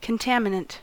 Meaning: That which contaminates; an impurity; foreign matter
- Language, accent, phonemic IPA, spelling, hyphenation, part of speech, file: English, US, /kənˈtamɪnənt/, contaminant, con‧tam‧i‧nant, noun, En-us-contaminant.ogg